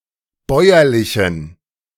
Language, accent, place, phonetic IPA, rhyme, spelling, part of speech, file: German, Germany, Berlin, [ˈbɔɪ̯ɐlɪçn̩], -ɔɪ̯ɐlɪçn̩, bäuerlichen, adjective, De-bäuerlichen.ogg
- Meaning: inflection of bäuerlich: 1. strong genitive masculine/neuter singular 2. weak/mixed genitive/dative all-gender singular 3. strong/weak/mixed accusative masculine singular 4. strong dative plural